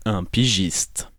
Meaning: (noun) freelance journalist; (adjective) freelance (journalist, writer)
- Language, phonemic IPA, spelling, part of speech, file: French, /pi.ʒist/, pigiste, noun / adjective, Fr-pigiste.ogg